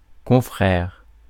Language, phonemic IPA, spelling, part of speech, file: French, /kɔ̃.fʁɛʁ/, confrère, noun, Fr-confrère.ogg
- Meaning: colleague, fellow, peer